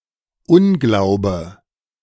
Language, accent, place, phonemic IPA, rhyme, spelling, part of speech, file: German, Germany, Berlin, /ˈʊnˌɡlaʊ̯bə/, -aʊ̯bə, Unglaube, noun, De-Unglaube.ogg
- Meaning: 1. unbelief, lack of faith 2. disbelief